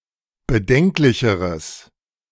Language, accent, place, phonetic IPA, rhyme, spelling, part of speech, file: German, Germany, Berlin, [bəˈdɛŋklɪçəʁəs], -ɛŋklɪçəʁəs, bedenklicheres, adjective, De-bedenklicheres.ogg
- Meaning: strong/mixed nominative/accusative neuter singular comparative degree of bedenklich